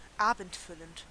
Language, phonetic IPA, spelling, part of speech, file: German, [ˈaːbn̩tˌfʏlənt], abendfüllend, adjective, De-abendfüllend.ogg
- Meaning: all-night